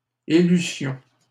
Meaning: first-person plural imperfect subjunctive of élire
- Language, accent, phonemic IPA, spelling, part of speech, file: French, Canada, /e.ly.sjɔ̃/, élussions, verb, LL-Q150 (fra)-élussions.wav